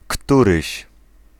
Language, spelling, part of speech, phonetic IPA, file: Polish, któryś, pronoun, [ˈkturɨɕ], Pl-któryś.ogg